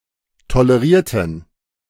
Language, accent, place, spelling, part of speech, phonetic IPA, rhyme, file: German, Germany, Berlin, tolerierten, adjective / verb, [toləˈʁiːɐ̯tn̩], -iːɐ̯tn̩, De-tolerierten.ogg
- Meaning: inflection of tolerieren: 1. first/third-person plural preterite 2. first/third-person plural subjunctive II